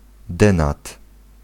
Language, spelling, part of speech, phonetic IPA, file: Polish, denat, noun, [ˈdɛ̃nat], Pl-denat.ogg